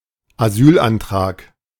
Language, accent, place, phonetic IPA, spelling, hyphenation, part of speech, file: German, Germany, Berlin, [aˈzyːlʔanˌtʁaːk], Asylantrag, Asyl‧an‧trag, noun, De-Asylantrag.ogg
- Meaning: asylum application